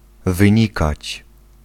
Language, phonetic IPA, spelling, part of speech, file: Polish, [vɨ̃ˈɲikat͡ɕ], wynikać, verb, Pl-wynikać.ogg